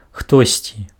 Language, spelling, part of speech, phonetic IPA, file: Belarusian, хтосьці, pronoun, [ˈxtosʲt͡sʲi], Be-хтосьці.ogg
- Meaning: somebody, someone (or other)